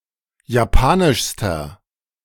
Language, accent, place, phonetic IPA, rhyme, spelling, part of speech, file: German, Germany, Berlin, [jaˈpaːnɪʃstɐ], -aːnɪʃstɐ, japanischster, adjective, De-japanischster.ogg
- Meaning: inflection of japanisch: 1. strong/mixed nominative masculine singular superlative degree 2. strong genitive/dative feminine singular superlative degree 3. strong genitive plural superlative degree